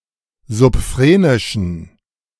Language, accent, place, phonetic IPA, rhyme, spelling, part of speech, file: German, Germany, Berlin, [zʊpˈfʁeːnɪʃn̩], -eːnɪʃn̩, subphrenischen, adjective, De-subphrenischen.ogg
- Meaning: inflection of subphrenisch: 1. strong genitive masculine/neuter singular 2. weak/mixed genitive/dative all-gender singular 3. strong/weak/mixed accusative masculine singular 4. strong dative plural